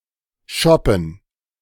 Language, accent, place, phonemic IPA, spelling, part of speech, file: German, Germany, Berlin, /ˈʃɔpn̩/, Schoppen, noun, De-Schoppen.ogg
- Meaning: 1. liquid measure, historically and regionally varying, usually 0.4 to 0.5 liters 2. pint, glass of beer, glass of wine